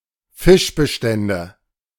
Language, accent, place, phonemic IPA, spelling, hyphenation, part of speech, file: German, Germany, Berlin, /ˈfɪʃbəˌʃtɛndə/, Fischbestände, Fisch‧be‧stän‧de, noun, De-Fischbestände.ogg
- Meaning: nominative/accusative/genitive plural of Fischbestand